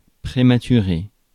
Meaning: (adjective) 1. hasty, premature 2. premature, born early; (noun) premature baby, premmie (infant born prematurely)
- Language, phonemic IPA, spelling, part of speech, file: French, /pʁe.ma.ty.ʁe/, prématuré, adjective / noun, Fr-prématuré.ogg